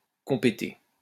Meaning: to be competent; to have jurisdiction
- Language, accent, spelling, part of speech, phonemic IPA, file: French, France, compéter, verb, /kɔ̃.pe.te/, LL-Q150 (fra)-compéter.wav